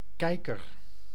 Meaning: 1. telescope 2. pair of binoculars 3. viewer (person who looks at something) 4. TV watcher 5. eye, keeker
- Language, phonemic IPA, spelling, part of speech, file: Dutch, /ˈkɛikər/, kijker, noun, Nl-kijker.ogg